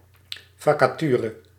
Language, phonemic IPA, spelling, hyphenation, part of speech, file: Dutch, /ˌvɑkaˈtyrə/, vacature, va‧ca‧tu‧re, noun, Nl-vacature.ogg
- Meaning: vacancy, job opening